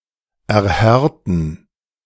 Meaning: 1. to harden 2. to affirm, corroborate, substantiate 3. to petrify
- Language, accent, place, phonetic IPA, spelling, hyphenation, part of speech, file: German, Germany, Berlin, [ʔɛʁˈhɛʁtn̩], erhärten, er‧här‧ten, verb, De-erhärten.ogg